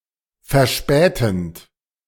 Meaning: present participle of verspäten
- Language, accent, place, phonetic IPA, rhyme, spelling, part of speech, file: German, Germany, Berlin, [fɛɐ̯ˈʃpɛːtn̩t], -ɛːtn̩t, verspätend, verb, De-verspätend.ogg